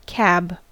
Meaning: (noun) 1. A compartment at the front of a truck or train for the driver 2. A similar compartment in other vehicles 3. A shelter at the top of an air traffic control tower or fire lookout tower
- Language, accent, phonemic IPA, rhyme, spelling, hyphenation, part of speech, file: English, US, /kæb/, -æb, cab, cab, noun / verb, En-us-cab.ogg